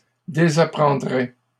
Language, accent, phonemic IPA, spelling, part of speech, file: French, Canada, /de.za.pʁɑ̃.dʁɛ/, désapprendraient, verb, LL-Q150 (fra)-désapprendraient.wav
- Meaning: third-person plural conditional of désapprendre